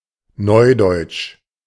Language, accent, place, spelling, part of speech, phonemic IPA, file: German, Germany, Berlin, neudeutsch, adjective, /ˈnɔɪ̯ˌdɔɪ̯t͡ʃ/, De-neudeutsch.ogg
- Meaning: new German, New German